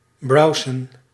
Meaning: to browse
- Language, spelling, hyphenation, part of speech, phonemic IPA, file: Dutch, browsen, brow‧sen, verb, /ˈbrɑu̯zə(n)/, Nl-browsen.ogg